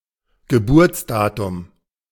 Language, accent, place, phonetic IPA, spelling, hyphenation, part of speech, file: German, Germany, Berlin, [ɡəˈbuːɐ̯t͡sˌdaːtʊm], Geburtsdatum, Ge‧burts‧da‧tum, noun, De-Geburtsdatum.ogg
- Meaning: date of birth